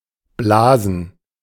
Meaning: plural of Blase
- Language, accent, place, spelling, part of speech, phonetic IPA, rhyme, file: German, Germany, Berlin, Blasen, noun / proper noun, [ˈblaːzn̩], -aːzn̩, De-Blasen.ogg